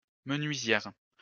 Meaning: female equivalent of menuisier
- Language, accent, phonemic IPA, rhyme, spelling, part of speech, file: French, France, /mə.nɥi.zjɛʁ/, -ɛʁ, menuisière, noun, LL-Q150 (fra)-menuisière.wav